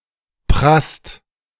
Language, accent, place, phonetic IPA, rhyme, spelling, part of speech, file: German, Germany, Berlin, [pʁast], -ast, prasst, verb, De-prasst.ogg
- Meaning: inflection of prassen: 1. second-person singular/plural present 2. third-person singular present 3. plural imperative